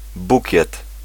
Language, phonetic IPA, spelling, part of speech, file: Polish, [ˈbucɛt], bukiet, noun, Pl-bukiet.ogg